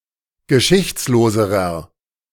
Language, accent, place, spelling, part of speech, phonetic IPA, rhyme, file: German, Germany, Berlin, geschichtsloserer, adjective, [ɡəˈʃɪçt͡sloːzəʁɐ], -ɪçt͡sloːzəʁɐ, De-geschichtsloserer.ogg
- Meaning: inflection of geschichtslos: 1. strong/mixed nominative masculine singular comparative degree 2. strong genitive/dative feminine singular comparative degree